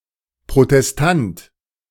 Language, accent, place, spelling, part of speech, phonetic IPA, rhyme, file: German, Germany, Berlin, Protestant, noun, [pʁotɛsˈtant], -ant, De-Protestant.ogg
- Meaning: 1. Protestant (person) 2. protester